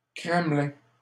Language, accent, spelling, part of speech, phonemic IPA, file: French, Canada, Kremlin, proper noun, /kʁɛm.lɛ̃/, LL-Q150 (fra)-Kremlin.wav
- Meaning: Kremlin (the Moscow Kremlin)